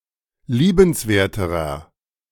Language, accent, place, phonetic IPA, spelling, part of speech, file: German, Germany, Berlin, [ˈliːbənsˌveːɐ̯təʁɐ], liebenswerterer, adjective, De-liebenswerterer.ogg
- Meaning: inflection of liebenswert: 1. strong/mixed nominative masculine singular comparative degree 2. strong genitive/dative feminine singular comparative degree 3. strong genitive plural comparative degree